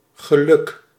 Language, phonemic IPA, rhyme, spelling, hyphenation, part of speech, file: Dutch, /ɣəˈlʏk/, -ʏk, geluk, ge‧luk, noun, Nl-geluk.ogg
- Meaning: 1. luck, good luck 2. happiness